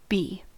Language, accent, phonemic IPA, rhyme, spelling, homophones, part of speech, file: English, US, /ˈbiː/, -iː, bee, b / be / Bea, noun / verb, En-us-bee.ogg